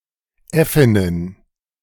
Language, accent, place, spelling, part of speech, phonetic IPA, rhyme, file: German, Germany, Berlin, Äffinnen, noun, [ˈɛfɪnən], -ɛfɪnən, De-Äffinnen.ogg
- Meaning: plural of Äffin